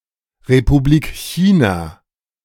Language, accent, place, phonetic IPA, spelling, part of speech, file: German, Germany, Berlin, [ʁepuˈbliːk ˈçiːnaː], Republik China, phrase, De-Republik China.ogg
- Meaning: Republic of China (official name of Taiwan: a partly-recognized country in East Asia; the rump state left over from the Republic of China on the mainland after 1949)